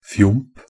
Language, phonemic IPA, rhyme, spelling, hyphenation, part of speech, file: Norwegian Bokmål, /fjʊmp/, -ʊmp, fjomp, fjomp, noun, Nb-fjomp.ogg
- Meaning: a silly person, jerk; dummy, goof